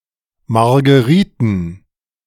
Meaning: plural of Margerite
- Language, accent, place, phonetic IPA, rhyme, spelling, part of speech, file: German, Germany, Berlin, [maʁɡəˈʁiːtn̩], -iːtn̩, Margeriten, noun, De-Margeriten.ogg